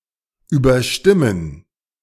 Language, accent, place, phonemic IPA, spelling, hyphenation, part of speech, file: German, Germany, Berlin, /ˌyːbɐˈʃtɪmən/, überstimmen, über‧stim‧men, verb, De-überstimmen.ogg
- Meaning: 1. to overrule 2. to outvote